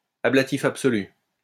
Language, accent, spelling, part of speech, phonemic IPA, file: French, France, ablatif absolu, noun, /a.bla.ti.f‿ap.sɔ.ly/, LL-Q150 (fra)-ablatif absolu.wav
- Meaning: ablative absolute